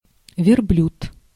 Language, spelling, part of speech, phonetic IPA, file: Russian, верблюд, noun, [vʲɪrˈblʲut], Ru-верблюд.ogg
- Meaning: camel